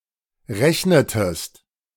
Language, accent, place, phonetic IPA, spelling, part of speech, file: German, Germany, Berlin, [ˈʁɛçnətəst], rechnetest, verb, De-rechnetest.ogg
- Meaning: inflection of rechnen: 1. second-person singular preterite 2. second-person singular subjunctive II